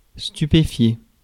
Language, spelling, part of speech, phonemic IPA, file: French, stupéfier, verb, /sty.pe.fje/, Fr-stupéfier.ogg
- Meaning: to stupify, amaze